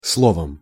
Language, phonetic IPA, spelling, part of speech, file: Russian, [ˈsɫovəm], словом, noun / adverb, Ru-словом.ogg
- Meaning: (noun) instrumental singular of сло́во (slóvo); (adverb) in short, in a word